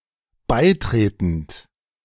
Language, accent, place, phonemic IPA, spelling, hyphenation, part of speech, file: German, Germany, Berlin, /ˈbaɪ̯ˌtʁeːtənt/, beitretend, bei‧tre‧tend, verb / adjective, De-beitretend.ogg
- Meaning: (verb) present participle of beitreten; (adjective) acceding, joining